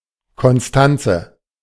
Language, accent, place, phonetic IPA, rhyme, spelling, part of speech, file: German, Germany, Berlin, [kɔnˈstant͡sə], -ant͡sə, Constanze, proper noun, De-Constanze.ogg
- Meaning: a female given name, variant of Konstanze, equivalent to English Constance